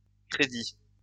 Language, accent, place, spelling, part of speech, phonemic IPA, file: French, France, Lyon, crédits, noun, /kʁe.di/, LL-Q150 (fra)-crédits.wav
- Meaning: plural of crédit